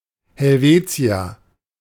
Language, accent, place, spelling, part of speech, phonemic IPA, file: German, Germany, Berlin, Helvetier, noun, /hɛlˈveːt͡si̯ɐ/, De-Helvetier.ogg
- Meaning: Helvetii, Helvetian (member of a tribe within the Celtic tribal confederation of the Helvetii)